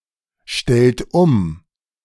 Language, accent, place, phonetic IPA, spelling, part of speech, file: German, Germany, Berlin, [ˌʃtɛlt ˈʊm], stellt um, verb, De-stellt um.ogg
- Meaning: inflection of umstellen: 1. second-person plural present 2. third-person singular present 3. plural imperative